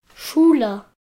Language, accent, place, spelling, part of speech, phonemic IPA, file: German, Germany, Berlin, Schule, noun, /ˈʃuːlə/, De-Schule.ogg
- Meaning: school (an institution dedicated to teaching and learning (especially before university); department/institute at a college or university; art movement; followers of a particular doctrine)